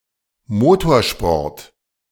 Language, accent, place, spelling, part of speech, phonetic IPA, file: German, Germany, Berlin, Motorsport, noun, [ˈmoːtoːɐ̯ˌʃpɔʁt], De-Motorsport.ogg
- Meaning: motorsport